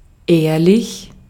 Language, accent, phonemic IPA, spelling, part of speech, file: German, Austria, /ˈeːrlɪç/, ehrlich, adjective, De-at-ehrlich.ogg
- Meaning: 1. decent, honorable, honest 2. honest, truthful, true